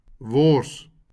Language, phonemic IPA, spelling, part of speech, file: Afrikaans, /vɔrs/, wors, noun, LL-Q14196 (afr)-wors.wav
- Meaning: sausage